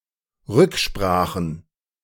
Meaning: plural of Rücksprache
- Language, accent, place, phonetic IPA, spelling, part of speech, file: German, Germany, Berlin, [ˈʁʏkˌʃpʁaːxn̩], Rücksprachen, noun, De-Rücksprachen.ogg